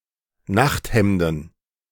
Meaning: plural of Nachthemd
- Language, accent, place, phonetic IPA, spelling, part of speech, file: German, Germany, Berlin, [ˈnaxtˌhɛmdn̩], Nachthemden, noun, De-Nachthemden.ogg